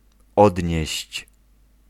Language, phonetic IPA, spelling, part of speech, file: Polish, [ˈɔdʲɲɛ̇ɕt͡ɕ], odnieść, verb, Pl-odnieść.ogg